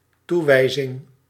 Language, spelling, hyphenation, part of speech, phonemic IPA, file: Dutch, toewijzing, toe‧wij‧zing, noun, /ˈtuwɛizɪŋ/, Nl-toewijzing.ogg
- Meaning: ascription